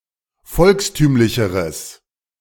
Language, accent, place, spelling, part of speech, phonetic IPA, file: German, Germany, Berlin, volkstümlicheres, adjective, [ˈfɔlksˌtyːmlɪçəʁəs], De-volkstümlicheres.ogg
- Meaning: strong/mixed nominative/accusative neuter singular comparative degree of volkstümlich